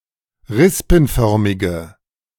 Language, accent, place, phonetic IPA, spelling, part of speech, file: German, Germany, Berlin, [ˈʁɪspn̩ˌfœʁmɪɡə], rispenförmige, adjective, De-rispenförmige.ogg
- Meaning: inflection of rispenförmig: 1. strong/mixed nominative/accusative feminine singular 2. strong nominative/accusative plural 3. weak nominative all-gender singular